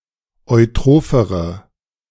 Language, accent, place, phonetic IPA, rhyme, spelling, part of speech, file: German, Germany, Berlin, [ɔɪ̯ˈtʁoːfəʁə], -oːfəʁə, eutrophere, adjective, De-eutrophere.ogg
- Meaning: inflection of eutroph: 1. strong/mixed nominative/accusative feminine singular comparative degree 2. strong nominative/accusative plural comparative degree